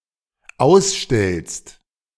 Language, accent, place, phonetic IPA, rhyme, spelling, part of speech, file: German, Germany, Berlin, [ˈaʊ̯sˌʃtɛlst], -aʊ̯sʃtɛlst, ausstellst, verb, De-ausstellst.ogg
- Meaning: second-person singular dependent present of ausstellen